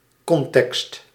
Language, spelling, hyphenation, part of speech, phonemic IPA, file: Dutch, context, con‧text, noun, /ˈkɔn.tɛkst/, Nl-context.ogg
- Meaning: context